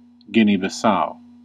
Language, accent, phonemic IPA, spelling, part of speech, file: English, US, /ˌɡɪni bɪˈsaʊ/, Guinea-Bissau, proper noun, En-us-Guinea-Bissau.ogg
- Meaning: A country in West Africa. Official name: Republic of Guinea-Bissau